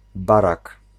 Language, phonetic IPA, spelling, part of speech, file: Polish, [ˈbarak], barak, noun, Pl-barak.ogg